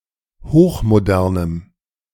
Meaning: strong dative masculine/neuter singular of hochmodern
- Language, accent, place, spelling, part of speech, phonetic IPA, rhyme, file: German, Germany, Berlin, hochmodernem, adjective, [ˌhoːxmoˈdɛʁnəm], -ɛʁnəm, De-hochmodernem.ogg